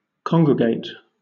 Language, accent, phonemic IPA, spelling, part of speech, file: English, Southern England, /ˈkɒŋɡɹəɡeɪt/, congregate, verb, LL-Q1860 (eng)-congregate.wav
- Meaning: 1. To collect into an assembly or assemblage; to bring into one place, or into a united body 2. To come together; to assemble; to meet